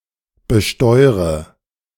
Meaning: inflection of besteuern: 1. first-person singular present 2. first/third-person singular subjunctive I 3. singular imperative
- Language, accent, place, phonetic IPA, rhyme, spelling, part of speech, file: German, Germany, Berlin, [bəˈʃtɔɪ̯ʁə], -ɔɪ̯ʁə, besteure, verb, De-besteure.ogg